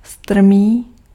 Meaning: steep
- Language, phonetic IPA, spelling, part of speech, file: Czech, [ˈstr̩miː], strmý, adjective, Cs-strmý.ogg